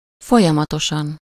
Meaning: continuously, flowingly
- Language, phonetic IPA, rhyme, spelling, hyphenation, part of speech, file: Hungarian, [ˈfojɒmɒtoʃɒn], -ɒn, folyamatosan, fo‧lya‧ma‧to‧san, adverb, Hu-folyamatosan.ogg